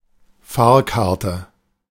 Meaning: fare ticket
- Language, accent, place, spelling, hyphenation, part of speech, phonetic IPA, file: German, Germany, Berlin, Fahrkarte, Fahr‧kar‧te, noun, [ˈfaːɐ̯ˌkaʁtə], De-Fahrkarte.ogg